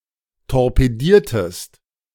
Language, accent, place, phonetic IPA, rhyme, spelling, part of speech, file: German, Germany, Berlin, [tɔʁpeˈdiːɐ̯təst], -iːɐ̯təst, torpediertest, verb, De-torpediertest.ogg
- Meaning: inflection of torpedieren: 1. second-person singular preterite 2. second-person singular subjunctive II